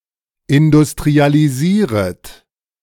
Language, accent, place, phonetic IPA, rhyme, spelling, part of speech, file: German, Germany, Berlin, [ɪndʊstʁialiˈziːʁət], -iːʁət, industrialisieret, verb, De-industrialisieret.ogg
- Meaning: second-person plural subjunctive I of industrialisieren